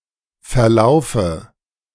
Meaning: dative of Verlauf
- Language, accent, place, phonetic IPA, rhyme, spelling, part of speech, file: German, Germany, Berlin, [fɛɐ̯ˈlaʊ̯fə], -aʊ̯fə, Verlaufe, noun, De-Verlaufe.ogg